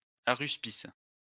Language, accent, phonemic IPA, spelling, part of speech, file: French, France, /a.ʁys.pis/, aruspice, noun, LL-Q150 (fra)-aruspice.wav
- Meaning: haruspex